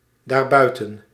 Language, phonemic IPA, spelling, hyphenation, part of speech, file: Dutch, /ˌdaːrˈbœy̯.tə(n)/, daarbuiten, daar‧bui‧ten, adverb, Nl-daarbuiten.ogg
- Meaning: pronominal adverb form of buiten + dat